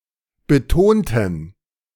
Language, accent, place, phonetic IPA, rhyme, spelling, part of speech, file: German, Germany, Berlin, [bəˈtoːntn̩], -oːntn̩, betonten, adjective / verb, De-betonten.ogg
- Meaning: inflection of betont: 1. strong genitive masculine/neuter singular 2. weak/mixed genitive/dative all-gender singular 3. strong/weak/mixed accusative masculine singular 4. strong dative plural